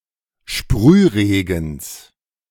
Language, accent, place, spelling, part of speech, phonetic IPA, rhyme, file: German, Germany, Berlin, Sprühregens, noun, [ˈʃpʁyːˌʁeːɡn̩s], -yːʁeːɡn̩s, De-Sprühregens.ogg
- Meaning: genitive singular of Sprühregen